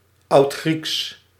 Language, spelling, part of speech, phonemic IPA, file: Dutch, Oudgrieks, proper noun, /ˈɑutxriks/, Nl-Oudgrieks.ogg
- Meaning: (proper noun) Ancient Greek (language); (adjective) Ancient Greek